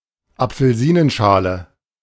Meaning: orange peel
- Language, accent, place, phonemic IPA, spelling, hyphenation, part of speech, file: German, Germany, Berlin, /ˌapfəl̩ˈziːnənˌʃaːlə/, Apfelsinenschale, Ap‧fel‧si‧nen‧scha‧le, noun, De-Apfelsinenschale.ogg